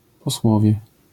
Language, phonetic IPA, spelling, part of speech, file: Polish, [pɔˈswɔvʲjɛ], posłowie, noun, LL-Q809 (pol)-posłowie.wav